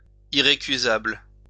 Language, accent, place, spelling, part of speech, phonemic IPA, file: French, France, Lyon, irrécusable, adjective, /i.ʁe.ky.zabl/, LL-Q150 (fra)-irrécusable.wav
- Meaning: 1. unimpeachable 2. incontestable, indisputable, irrefutable